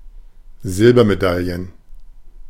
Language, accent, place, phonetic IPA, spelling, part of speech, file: German, Germany, Berlin, [ˈzɪlbɐmeˌdaljən], Silbermedaillen, noun, De-Silbermedaillen.ogg
- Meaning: plural of Silbermedaille